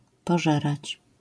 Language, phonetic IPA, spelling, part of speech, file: Polish, [pɔˈʒɛrat͡ɕ], pożerać, verb, LL-Q809 (pol)-pożerać.wav